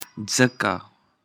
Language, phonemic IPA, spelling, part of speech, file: Pashto, /ˈd͡zəˈka/, ځکه, adverb, ځکه.ogg
- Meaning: 1. since 2. therefore